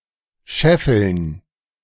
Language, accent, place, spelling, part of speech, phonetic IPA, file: German, Germany, Berlin, scheffeln, verb, [ˈʃɛfl̩n], De-scheffeln.ogg
- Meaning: to accumulate